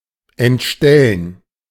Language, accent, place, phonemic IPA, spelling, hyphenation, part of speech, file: German, Germany, Berlin, /ʔɛntˈʃtɛlən/, entstellen, ent‧stel‧len, verb, De-entstellen.ogg
- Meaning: 1. to disfigure someone's looks 2. to distort the truth 3. to disrupt text or code